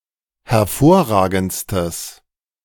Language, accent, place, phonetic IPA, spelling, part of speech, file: German, Germany, Berlin, [hɛɐ̯ˈfoːɐ̯ˌʁaːɡn̩t͡stəs], hervorragendstes, adjective, De-hervorragendstes.ogg
- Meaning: strong/mixed nominative/accusative neuter singular superlative degree of hervorragend